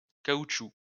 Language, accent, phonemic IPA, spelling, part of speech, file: French, France, /ka.ut.ʃu/, caoutchoucs, noun, LL-Q150 (fra)-caoutchoucs.wav
- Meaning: plural of caoutchouc